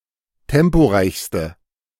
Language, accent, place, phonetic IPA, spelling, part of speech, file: German, Germany, Berlin, [ˈtɛmpoˌʁaɪ̯çstə], temporeichste, adjective, De-temporeichste.ogg
- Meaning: inflection of temporeich: 1. strong/mixed nominative/accusative feminine singular superlative degree 2. strong nominative/accusative plural superlative degree